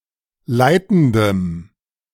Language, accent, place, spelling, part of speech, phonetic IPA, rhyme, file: German, Germany, Berlin, leitendem, adjective, [ˈlaɪ̯tn̩dəm], -aɪ̯tn̩dəm, De-leitendem.ogg
- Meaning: strong dative masculine/neuter singular of leitend